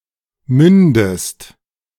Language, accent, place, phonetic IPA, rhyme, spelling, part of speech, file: German, Germany, Berlin, [ˈmʏndəst], -ʏndəst, mündest, verb, De-mündest.ogg
- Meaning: inflection of münden: 1. second-person singular present 2. second-person singular subjunctive I